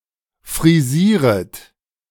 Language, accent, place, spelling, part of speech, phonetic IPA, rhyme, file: German, Germany, Berlin, frisieret, verb, [fʁiˈziːʁət], -iːʁət, De-frisieret.ogg
- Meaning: second-person plural subjunctive I of frisieren